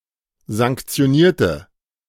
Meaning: inflection of sanktionieren: 1. first/third-person singular preterite 2. first/third-person singular subjunctive II
- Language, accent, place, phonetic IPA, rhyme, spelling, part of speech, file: German, Germany, Berlin, [zaŋkt͡si̯oˈniːɐ̯tə], -iːɐ̯tə, sanktionierte, adjective / verb, De-sanktionierte.ogg